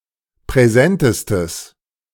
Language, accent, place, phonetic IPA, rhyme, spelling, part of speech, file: German, Germany, Berlin, [pʁɛˈzɛntəstəs], -ɛntəstəs, präsentestes, adjective, De-präsentestes.ogg
- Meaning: strong/mixed nominative/accusative neuter singular superlative degree of präsent